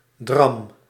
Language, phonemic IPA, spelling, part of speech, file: Dutch, /drɑm/, dram, noun / verb, Nl-dram.ogg
- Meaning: inflection of drammen: 1. first-person singular present indicative 2. second-person singular present indicative 3. imperative